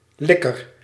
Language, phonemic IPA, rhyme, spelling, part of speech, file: Dutch, /ˈlɪkər/, -ɪkər, likker, noun, Nl-likker.ogg
- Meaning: licker, one who licks